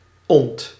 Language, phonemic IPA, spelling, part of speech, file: Dutch, /ɔnt/, ont-, prefix, Nl-ont-.ogg
- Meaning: 1. un-, de-; forms verbs meaning to negate, remove or separate 2. Forms inchoative verbs, indicating that a process is beginning